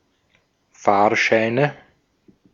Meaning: nominative/accusative/genitive plural of Fahrschein
- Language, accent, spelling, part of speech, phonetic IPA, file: German, Austria, Fahrscheine, noun, [ˈfaːɐ̯ˌʃaɪ̯nə], De-at-Fahrscheine.ogg